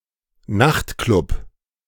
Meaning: nightclub
- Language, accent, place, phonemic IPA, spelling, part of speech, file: German, Germany, Berlin, /ˈnaxtˌklʊp/, Nachtclub, noun, De-Nachtclub.ogg